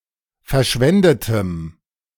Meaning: strong dative masculine/neuter singular of verschwendet
- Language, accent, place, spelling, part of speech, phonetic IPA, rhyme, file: German, Germany, Berlin, verschwendetem, adjective, [fɛɐ̯ˈʃvɛndətəm], -ɛndətəm, De-verschwendetem.ogg